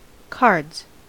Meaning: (noun) 1. plural of card 2. Card games; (verb) third-person singular simple present indicative of card
- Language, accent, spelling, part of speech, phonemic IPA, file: English, US, cards, noun / verb, /kɑɹdz/, En-us-cards.ogg